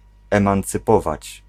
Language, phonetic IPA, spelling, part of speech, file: Polish, [ˌɛ̃mãnt͡sɨˈpɔvat͡ɕ], emancypować, verb, Pl-emancypować.ogg